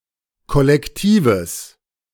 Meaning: strong/mixed nominative/accusative neuter singular of kollektiv
- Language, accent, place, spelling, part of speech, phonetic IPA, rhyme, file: German, Germany, Berlin, kollektives, adjective, [ˌkɔlɛkˈtiːvəs], -iːvəs, De-kollektives.ogg